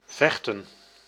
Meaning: to fight
- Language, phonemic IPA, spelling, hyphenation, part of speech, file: Dutch, /ˈvɛxtə(n)/, vechten, vech‧ten, verb, Nl-vechten.ogg